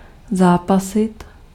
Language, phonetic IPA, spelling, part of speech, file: Czech, [ˈzaːpasɪt], zápasit, verb, Cs-zápasit.ogg
- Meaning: 1. to wrestle 2. to struggle